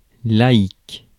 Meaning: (adjective) secular, lay, laic; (noun) layman
- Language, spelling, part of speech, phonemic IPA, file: French, laïc, adjective / noun, /la.ik/, Fr-laïc.ogg